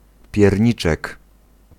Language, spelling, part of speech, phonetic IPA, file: Polish, pierniczek, noun, [pʲjɛrʲˈɲit͡ʃɛk], Pl-pierniczek.ogg